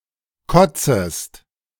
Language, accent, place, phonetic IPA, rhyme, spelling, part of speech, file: German, Germany, Berlin, [ˈkɔt͡səst], -ɔt͡səst, kotzest, verb, De-kotzest.ogg
- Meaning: second-person singular subjunctive I of kotzen